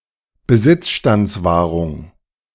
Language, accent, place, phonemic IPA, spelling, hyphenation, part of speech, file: German, Germany, Berlin, /bəˈzɪt͡sʃtant͡sˌvaːʁʊŋ/, Besitzstandswahrung, Besitz‧stands‧wah‧rung, noun, De-Besitzstandswahrung.ogg
- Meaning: 1. maintenance of existing rights/entitlements 2. grandfathering